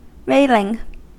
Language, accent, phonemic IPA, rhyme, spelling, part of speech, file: English, US, /ˈɹeɪlɪŋ/, -eɪlɪŋ, railing, adjective / noun / verb, En-us-railing.ogg
- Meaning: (adjective) 1. That rails; engaged in or given to violent complaining 2. Filled with invective and violent complaints 3. Blowing violently